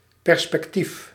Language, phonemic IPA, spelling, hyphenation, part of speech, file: Dutch, /pɛrspɛkˈtif/, perspectief, per‧spec‧tief, noun, Nl-perspectief.ogg
- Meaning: perspective